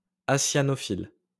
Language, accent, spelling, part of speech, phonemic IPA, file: French, France, acyanophile, adjective, /a.sja.nɔ.fil/, LL-Q150 (fra)-acyanophile.wav
- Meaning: acyanophilous